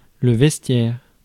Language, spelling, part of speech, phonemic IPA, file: French, vestiaire, noun, /vɛs.tjɛʁ/, Fr-vestiaire.ogg
- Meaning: 1. cloakroom; (US) checkroom, coatroom, coat check (a room intended for holding guests' cloaks and other heavy outerwear, as at a theater or night club) 2. locker room, changing room 3. vestry